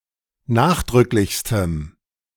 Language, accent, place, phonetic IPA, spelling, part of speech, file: German, Germany, Berlin, [ˈnaːxdʁʏklɪçstəm], nachdrücklichstem, adjective, De-nachdrücklichstem.ogg
- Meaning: strong dative masculine/neuter singular superlative degree of nachdrücklich